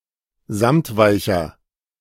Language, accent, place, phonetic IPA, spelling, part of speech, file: German, Germany, Berlin, [ˈzamtˌvaɪ̯çɐ], samtweicher, adjective, De-samtweicher.ogg
- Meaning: inflection of samtweich: 1. strong/mixed nominative masculine singular 2. strong genitive/dative feminine singular 3. strong genitive plural